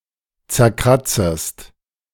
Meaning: second-person singular subjunctive I of zerkratzen
- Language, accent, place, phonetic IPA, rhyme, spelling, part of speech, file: German, Germany, Berlin, [t͡sɛɐ̯ˈkʁat͡səst], -at͡səst, zerkratzest, verb, De-zerkratzest.ogg